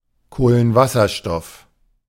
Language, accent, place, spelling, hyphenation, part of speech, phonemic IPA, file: German, Germany, Berlin, Kohlenwasserstoff, Koh‧len‧was‧ser‧stoff, noun, /ˌkoːlənˈvasɐˌʃtɔf/, De-Kohlenwasserstoff.ogg
- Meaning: hydrocarbon